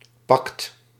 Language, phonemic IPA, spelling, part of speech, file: Dutch, /pɑkt/, pact, noun, Nl-pact.ogg
- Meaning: pact